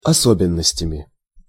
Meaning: instrumental plural of осо́бенность (osóbennostʹ)
- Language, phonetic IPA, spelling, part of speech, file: Russian, [ɐˈsobʲɪn(ː)əsʲtʲəmʲɪ], особенностями, noun, Ru-особенностями.ogg